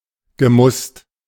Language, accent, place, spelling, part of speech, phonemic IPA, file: German, Germany, Berlin, gemusst, verb, /ɡəˈmʊst/, De-gemusst.ogg
- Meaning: past participle of müssen